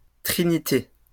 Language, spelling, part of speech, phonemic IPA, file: French, trinité, noun, /tʁi.ni.te/, LL-Q150 (fra)-trinité.wav
- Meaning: 1. trinity (group of three things or three persons) 2. Trinity